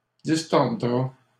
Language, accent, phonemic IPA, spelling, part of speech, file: French, Canada, /dis.tɔʁ.dʁa/, distordra, verb, LL-Q150 (fra)-distordra.wav
- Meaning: third-person singular simple future of distordre